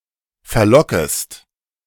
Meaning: second-person singular subjunctive I of verlocken
- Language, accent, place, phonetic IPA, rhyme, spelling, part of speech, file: German, Germany, Berlin, [fɛɐ̯ˈlɔkəst], -ɔkəst, verlockest, verb, De-verlockest.ogg